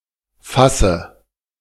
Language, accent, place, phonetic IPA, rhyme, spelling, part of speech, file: German, Germany, Berlin, [ˈfasə], -asə, Fasse, noun, De-Fasse.ogg
- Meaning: dative singular of Fass